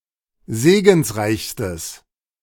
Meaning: strong/mixed nominative/accusative neuter singular superlative degree of segensreich
- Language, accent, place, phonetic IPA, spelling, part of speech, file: German, Germany, Berlin, [ˈzeːɡn̩sˌʁaɪ̯çstəs], segensreichstes, adjective, De-segensreichstes.ogg